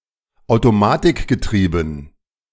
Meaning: dative plural of Automatikgetriebe
- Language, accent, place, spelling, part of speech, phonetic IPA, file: German, Germany, Berlin, Automatikgetrieben, noun, [aʊ̯toˈmaːtɪkɡəˌtʁiːbn̩], De-Automatikgetrieben.ogg